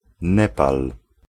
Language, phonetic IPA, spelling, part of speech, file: Polish, [ˈnɛpal], Nepal, proper noun, Pl-Nepal.ogg